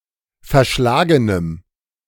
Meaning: strong dative masculine/neuter singular of verschlagen
- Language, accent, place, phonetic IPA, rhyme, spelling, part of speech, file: German, Germany, Berlin, [fɛɐ̯ˈʃlaːɡənəm], -aːɡənəm, verschlagenem, adjective, De-verschlagenem.ogg